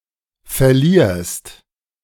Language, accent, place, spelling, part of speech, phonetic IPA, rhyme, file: German, Germany, Berlin, verlierst, verb, [fɛɐ̯ˈliːɐ̯st], -iːɐ̯st, De-verlierst.ogg
- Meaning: second-person singular present of verlieren